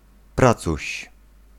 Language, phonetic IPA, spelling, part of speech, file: Polish, [ˈprat͡suɕ], pracuś, noun, Pl-pracuś.ogg